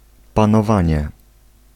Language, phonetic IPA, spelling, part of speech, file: Polish, [ˌpãnɔˈvãɲɛ], panowanie, noun, Pl-panowanie.ogg